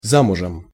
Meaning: married (to a husband only)
- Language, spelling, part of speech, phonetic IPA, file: Russian, замужем, adverb, [ˈzamʊʐɨm], Ru-замужем.ogg